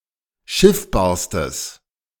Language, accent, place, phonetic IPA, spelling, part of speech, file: German, Germany, Berlin, [ˈʃɪfbaːɐ̯stəs], schiffbarstes, adjective, De-schiffbarstes.ogg
- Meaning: strong/mixed nominative/accusative neuter singular superlative degree of schiffbar